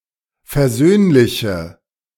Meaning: inflection of versöhnlich: 1. strong/mixed nominative/accusative feminine singular 2. strong nominative/accusative plural 3. weak nominative all-gender singular
- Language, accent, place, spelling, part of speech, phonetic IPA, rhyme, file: German, Germany, Berlin, versöhnliche, adjective, [fɛɐ̯ˈzøːnlɪçə], -øːnlɪçə, De-versöhnliche.ogg